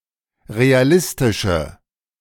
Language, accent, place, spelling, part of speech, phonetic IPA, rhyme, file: German, Germany, Berlin, realistische, adjective, [ʁeaˈlɪstɪʃə], -ɪstɪʃə, De-realistische.ogg
- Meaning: inflection of realistisch: 1. strong/mixed nominative/accusative feminine singular 2. strong nominative/accusative plural 3. weak nominative all-gender singular